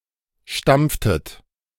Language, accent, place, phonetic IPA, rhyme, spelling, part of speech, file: German, Germany, Berlin, [ˈʃtamp͡ftət], -amp͡ftət, stampftet, verb, De-stampftet.ogg
- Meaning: inflection of stampfen: 1. second-person plural preterite 2. second-person plural subjunctive II